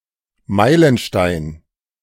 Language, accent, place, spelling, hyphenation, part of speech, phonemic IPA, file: German, Germany, Berlin, Meilenstein, Mei‧len‧stein, noun, /ˈmaɪ̯lənˌʃtaɪ̯n/, De-Meilenstein.ogg
- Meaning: 1. milestone (a stone milepost) 2. milestone, landmark (an important event)